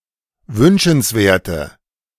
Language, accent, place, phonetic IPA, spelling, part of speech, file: German, Germany, Berlin, [ˈvʏnʃn̩sˌveːɐ̯tə], wünschenswerte, adjective, De-wünschenswerte.ogg
- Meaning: inflection of wünschenswert: 1. strong/mixed nominative/accusative feminine singular 2. strong nominative/accusative plural 3. weak nominative all-gender singular